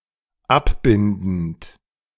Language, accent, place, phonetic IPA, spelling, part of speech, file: German, Germany, Berlin, [ˈapˌbɪndn̩t], abbindend, verb, De-abbindend.ogg
- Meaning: present participle of abbinden